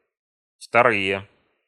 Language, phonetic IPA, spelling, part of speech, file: Russian, [ftɐˈrɨje], вторые, noun, Ru-вторые.ogg
- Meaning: nominative/accusative plural of второ́е (vtoróje)